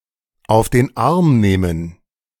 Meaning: 1. to pick up (a child, animal) and carry it 2. to pull someone's leg, have on, send up
- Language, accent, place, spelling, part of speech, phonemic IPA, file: German, Germany, Berlin, auf den Arm nehmen, verb, /aʊ̯f den ˈarm ˌneːmən/, De-auf den Arm nehmen.ogg